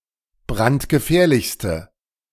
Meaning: inflection of brandgefährlich: 1. strong/mixed nominative/accusative feminine singular superlative degree 2. strong nominative/accusative plural superlative degree
- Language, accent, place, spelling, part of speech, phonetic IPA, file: German, Germany, Berlin, brandgefährlichste, adjective, [ˈbʁantɡəˌfɛːɐ̯lɪçstə], De-brandgefährlichste.ogg